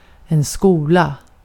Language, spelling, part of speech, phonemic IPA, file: Swedish, skola, verb / noun, /²skuːla/, Sv-skola.ogg
- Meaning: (verb) 1. shall, will, be going to expresses intended future; used for plans, promises and decisions [with infinitive] 2. [with infinitive]: would expresses the conditional